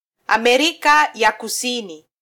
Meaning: South America (the continent forming the southern part of the Americas)
- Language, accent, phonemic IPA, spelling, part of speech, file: Swahili, Kenya, /ɑ.mɛˈɾi.kɑ jɑ kuˈsi.ni/, Amerika ya Kusini, proper noun, Sw-ke-Amerika ya Kusini.flac